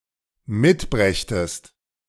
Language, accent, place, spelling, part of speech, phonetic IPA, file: German, Germany, Berlin, mitbrächtest, verb, [ˈmɪtˌbʁɛçtəst], De-mitbrächtest.ogg
- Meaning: second-person singular dependent subjunctive II of mitbringen